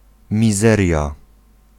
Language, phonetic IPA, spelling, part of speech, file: Polish, [mʲiˈzɛrʲja], mizeria, noun, Pl-mizeria.ogg